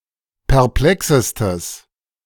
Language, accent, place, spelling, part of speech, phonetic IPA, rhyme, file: German, Germany, Berlin, perplexestes, adjective, [pɛʁˈplɛksəstəs], -ɛksəstəs, De-perplexestes.ogg
- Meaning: strong/mixed nominative/accusative neuter singular superlative degree of perplex